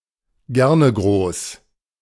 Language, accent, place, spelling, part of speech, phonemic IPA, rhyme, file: German, Germany, Berlin, Gernegroß, noun, /ˈɡɛʁnəˌɡʁoːs/, -oːs, De-Gernegroß.ogg
- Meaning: cockalorum, wannabe